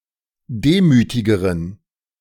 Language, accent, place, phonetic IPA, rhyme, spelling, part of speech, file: German, Germany, Berlin, [ˈdeːmyːtɪɡəʁən], -eːmyːtɪɡəʁən, demütigeren, adjective, De-demütigeren.ogg
- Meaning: inflection of demütig: 1. strong genitive masculine/neuter singular comparative degree 2. weak/mixed genitive/dative all-gender singular comparative degree